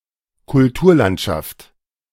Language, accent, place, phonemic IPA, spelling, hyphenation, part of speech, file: German, Germany, Berlin, /kʊlˈtuːɐ̯.lant.ʃaft/, Kulturlandschaft, Kul‧tur‧land‧schaft, noun, De-Kulturlandschaft.ogg
- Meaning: cultural landscape (landscape designed and created intentionally by man)